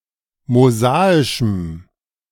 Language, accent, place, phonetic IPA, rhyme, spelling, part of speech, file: German, Germany, Berlin, [moˈzaːɪʃm̩], -aːɪʃm̩, mosaischem, adjective, De-mosaischem.ogg
- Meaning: strong dative masculine/neuter singular of mosaisch